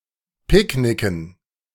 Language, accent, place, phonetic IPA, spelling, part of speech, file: German, Germany, Berlin, [ˈpɪkˌnɪkn̩], Picknicken, noun, De-Picknicken.ogg
- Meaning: dative plural of Picknick